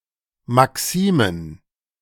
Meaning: plural of Maxime
- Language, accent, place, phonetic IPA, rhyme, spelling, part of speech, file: German, Germany, Berlin, [maˈksiːmən], -iːmən, Maximen, noun, De-Maximen.ogg